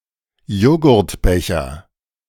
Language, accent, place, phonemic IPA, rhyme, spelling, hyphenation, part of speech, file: German, Germany, Berlin, /ˈjoːɡʊʁtˌbɛçɐ/, -ɛçɐ, Joghurtbecher, Jog‧hurt‧be‧cher, noun, De-Joghurtbecher.ogg
- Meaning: yoghurt pot